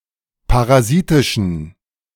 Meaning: inflection of parasitisch: 1. strong genitive masculine/neuter singular 2. weak/mixed genitive/dative all-gender singular 3. strong/weak/mixed accusative masculine singular 4. strong dative plural
- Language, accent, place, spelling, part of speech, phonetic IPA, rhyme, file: German, Germany, Berlin, parasitischen, adjective, [paʁaˈziːtɪʃn̩], -iːtɪʃn̩, De-parasitischen.ogg